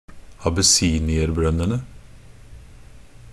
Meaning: definite plural of abessinierbrønn
- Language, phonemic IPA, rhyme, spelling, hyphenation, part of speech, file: Norwegian Bokmål, /abəˈsiːnɪərbrœnːənə/, -ənə, abessinierbrønnene, ab‧es‧si‧ni‧er‧brønn‧en‧e, noun, Nb-abessinierbrønnene.ogg